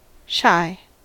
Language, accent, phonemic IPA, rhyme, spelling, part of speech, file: English, US, /ʃaɪ/, -aɪ, shy, adjective / verb / noun, En-us-shy.ogg
- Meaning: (adjective) 1. Easily frightened; timid 2. Reserved; disinclined to familiar approach 3. Cautious; wary; suspicious 4. Short, insufficient or less than